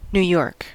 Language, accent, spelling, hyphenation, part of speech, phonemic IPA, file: English, US, New York, New York, proper noun, /(ˌ)n(j)u ˈjɔɹk/, En-us-New York.ogg
- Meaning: The largest city in the state of New York, and the largest city in the United States, a metropolis extending into neighboring New Jersey in addition to Pennsylvania and Connecticut